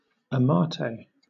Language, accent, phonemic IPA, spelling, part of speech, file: English, Southern England, /əˈmɑːteɪ/, amate, noun, LL-Q1860 (eng)-amate.wav
- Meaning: 1. Paper produced from the bark of adult Ficus trees 2. An art form based on Mexican bark painting from the Otomi culture